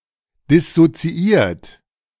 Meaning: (verb) past participle of dissoziieren; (adjective) dissociated
- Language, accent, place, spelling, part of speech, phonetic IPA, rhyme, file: German, Germany, Berlin, dissoziiert, adjective, [dɪsot͡siˈʔiːɐ̯t], -iːɐ̯t, De-dissoziiert.ogg